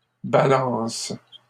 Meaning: second-person singular present indicative/subjunctive of balancer
- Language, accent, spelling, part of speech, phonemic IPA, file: French, Canada, balances, verb, /ba.lɑ̃s/, LL-Q150 (fra)-balances.wav